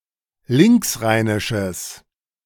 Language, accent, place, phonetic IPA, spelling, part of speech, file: German, Germany, Berlin, [ˈlɪŋksˌʁaɪ̯nɪʃəs], linksrheinisches, adjective, De-linksrheinisches.ogg
- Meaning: strong/mixed nominative/accusative neuter singular of linksrheinisch